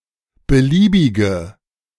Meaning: inflection of beliebig: 1. strong/mixed nominative/accusative feminine singular 2. strong nominative/accusative plural 3. weak nominative all-gender singular
- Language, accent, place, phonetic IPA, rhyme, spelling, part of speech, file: German, Germany, Berlin, [bəˈliːbɪɡə], -iːbɪɡə, beliebige, adjective, De-beliebige.ogg